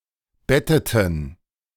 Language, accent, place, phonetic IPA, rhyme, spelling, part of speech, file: German, Germany, Berlin, [ˈbɛtətn̩], -ɛtətn̩, betteten, verb, De-betteten.ogg
- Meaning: inflection of betten: 1. first/third-person plural preterite 2. first/third-person plural subjunctive II